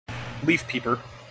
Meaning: A tree sightseer who enjoys observing the leaves change color in the autumn
- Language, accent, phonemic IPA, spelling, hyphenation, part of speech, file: English, General American, /ˈlif ˌpipɚ/, leaf peeper, leaf peep‧er, noun, En-us-leaf peeper.mp3